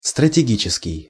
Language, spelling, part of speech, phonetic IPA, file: Russian, стратегический, adjective, [strətʲɪˈɡʲit͡ɕɪskʲɪj], Ru-стратегический.ogg
- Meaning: strategic